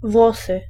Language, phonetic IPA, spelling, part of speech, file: Polish, [ˈvwɔsɨ], włosy, noun, Pl-włosy.ogg